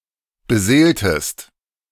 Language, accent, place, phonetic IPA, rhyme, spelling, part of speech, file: German, Germany, Berlin, [bəˈzeːltəst], -eːltəst, beseeltest, verb, De-beseeltest.ogg
- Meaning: inflection of beseelen: 1. second-person singular preterite 2. second-person singular subjunctive II